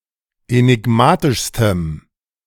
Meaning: strong dative masculine/neuter singular superlative degree of enigmatisch
- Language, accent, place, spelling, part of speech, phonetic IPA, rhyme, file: German, Germany, Berlin, enigmatischstem, adjective, [enɪˈɡmaːtɪʃstəm], -aːtɪʃstəm, De-enigmatischstem.ogg